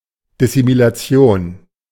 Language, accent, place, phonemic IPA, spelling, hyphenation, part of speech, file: German, Germany, Berlin, /ˌdɪsimilaˈt͡si̯oːn/, Dissimilation, Dis‧si‧mi‧la‧ti‧on, noun, De-Dissimilation.ogg
- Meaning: dissimilation